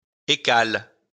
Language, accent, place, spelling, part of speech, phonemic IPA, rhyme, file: French, France, Lyon, écale, noun / verb, /e.kal/, -al, LL-Q150 (fra)-écale.wav
- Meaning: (noun) 1. husk 2. pod 3. shell (of nut) 4. fish scale; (verb) inflection of écaler: 1. first/third-person singular present indicative/subjunctive 2. second-person singular imperative